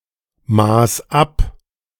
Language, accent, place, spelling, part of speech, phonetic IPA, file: German, Germany, Berlin, maß ab, verb, [ˌmaːs ˈap], De-maß ab.ogg
- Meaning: first/third-person singular preterite of abmessen